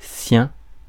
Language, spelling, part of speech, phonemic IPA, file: French, sien, adjective, /sjɛ̃/, Fr-sien.ogg
- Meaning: his (that which belongs to him); her (that which belongs to her)